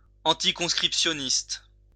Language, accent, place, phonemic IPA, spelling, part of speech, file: French, France, Lyon, /ɑ̃.ti.kɔ̃s.kʁip.sjɔ.nist/, anticonscriptionniste, adjective, LL-Q150 (fra)-anticonscriptionniste.wav
- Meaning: anticonscription